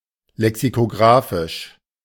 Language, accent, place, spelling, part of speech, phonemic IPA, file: German, Germany, Berlin, lexikografisch, adjective, /lɛksikoˈɡʁaːfɪʃ/, De-lexikografisch.ogg
- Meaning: lexicographical